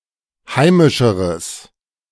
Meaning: strong/mixed nominative/accusative neuter singular comparative degree of heimisch
- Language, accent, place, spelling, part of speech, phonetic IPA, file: German, Germany, Berlin, heimischeres, adjective, [ˈhaɪ̯mɪʃəʁəs], De-heimischeres.ogg